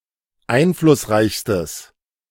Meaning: strong/mixed nominative/accusative neuter singular superlative degree of einflussreich
- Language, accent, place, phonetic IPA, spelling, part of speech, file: German, Germany, Berlin, [ˈaɪ̯nflʊsˌʁaɪ̯çstəs], einflussreichstes, adjective, De-einflussreichstes.ogg